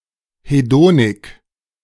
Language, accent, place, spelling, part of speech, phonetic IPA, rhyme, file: German, Germany, Berlin, Hedonik, noun, [heˈdoːnɪk], -oːnɪk, De-Hedonik.ogg
- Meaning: hedonism